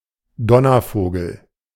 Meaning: a thunderbird
- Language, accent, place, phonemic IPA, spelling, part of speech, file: German, Germany, Berlin, /ˈdɔnɐˌfoːɡl̩/, Donnervogel, noun, De-Donnervogel.ogg